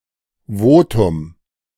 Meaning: 1. say 2. vote
- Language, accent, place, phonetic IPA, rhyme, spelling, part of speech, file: German, Germany, Berlin, [ˈvoːtʊm], -oːtʊm, Votum, noun, De-Votum.ogg